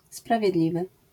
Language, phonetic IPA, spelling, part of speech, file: Polish, [ˌspravʲjɛˈdlʲivɨ], sprawiedliwy, adjective, LL-Q809 (pol)-sprawiedliwy.wav